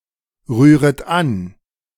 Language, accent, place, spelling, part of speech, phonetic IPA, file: German, Germany, Berlin, rühret an, verb, [ˌʁyːʁət ˈan], De-rühret an.ogg
- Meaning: second-person plural subjunctive I of anrühren